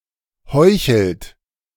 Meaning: inflection of heucheln: 1. third-person singular present 2. second-person plural present 3. plural imperative
- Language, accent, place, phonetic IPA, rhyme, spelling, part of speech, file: German, Germany, Berlin, [ˈhɔɪ̯çl̩t], -ɔɪ̯çl̩t, heuchelt, verb, De-heuchelt.ogg